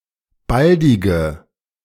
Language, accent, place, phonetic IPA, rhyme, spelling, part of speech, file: German, Germany, Berlin, [ˈbaldɪɡə], -aldɪɡə, baldige, adjective, De-baldige.ogg
- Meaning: inflection of baldig: 1. strong/mixed nominative/accusative feminine singular 2. strong nominative/accusative plural 3. weak nominative all-gender singular 4. weak accusative feminine/neuter singular